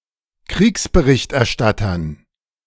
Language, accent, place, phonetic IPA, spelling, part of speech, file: German, Germany, Berlin, [ˈkʁiːksbəˈʁɪçtʔɛɐ̯ˌʃtatɐn], Kriegsberichterstattern, noun, De-Kriegsberichterstattern.ogg
- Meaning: dative plural of Kriegsberichterstatter